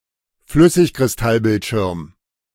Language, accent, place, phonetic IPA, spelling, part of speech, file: German, Germany, Berlin, [ˈflʏsɪçkʁɪsˌtalˌbɪltʃɪʁm], Flüssigkristallbildschirm, noun, De-Flüssigkristallbildschirm.ogg
- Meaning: liquid crystal display (LCD)